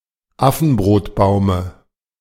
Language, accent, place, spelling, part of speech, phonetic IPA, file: German, Germany, Berlin, Affenbrotbaume, noun, [ˈafn̩bʁoːtˌbaʊ̯mə], De-Affenbrotbaume.ogg
- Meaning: dative singular of Affenbrotbaum